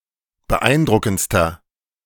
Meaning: inflection of beeindruckend: 1. strong/mixed nominative masculine singular superlative degree 2. strong genitive/dative feminine singular superlative degree
- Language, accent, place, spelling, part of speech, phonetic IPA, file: German, Germany, Berlin, beeindruckendster, adjective, [bəˈʔaɪ̯nˌdʁʊkn̩t͡stɐ], De-beeindruckendster.ogg